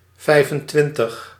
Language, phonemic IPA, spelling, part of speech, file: Dutch, /ˈvɛi̯.fənˌtʋɪn.təx/, vijfentwintig, numeral, Nl-vijfentwintig.ogg
- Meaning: twenty-five